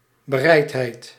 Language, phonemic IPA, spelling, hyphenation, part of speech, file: Dutch, /bəˈrɛi̯tˌɦɛi̯t/, bereidheid, be‧reid‧heid, noun, Nl-bereidheid.ogg
- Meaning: willingness